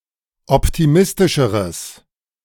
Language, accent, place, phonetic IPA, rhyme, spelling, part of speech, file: German, Germany, Berlin, [ˌɔptiˈmɪstɪʃəʁəs], -ɪstɪʃəʁəs, optimistischeres, adjective, De-optimistischeres.ogg
- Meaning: strong/mixed nominative/accusative neuter singular comparative degree of optimistisch